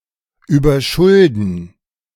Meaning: 1. to overload with debt 2. to get overindebted
- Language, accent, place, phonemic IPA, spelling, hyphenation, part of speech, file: German, Germany, Berlin, /ˈyːbɐˈʃʊldn̩/, überschulden, über‧schul‧den, verb, De-überschulden.ogg